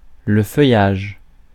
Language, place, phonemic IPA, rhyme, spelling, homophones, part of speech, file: French, Paris, /fœ.jaʒ/, -aʒ, feuillage, feuillages, noun, Fr-feuillage.ogg
- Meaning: foliage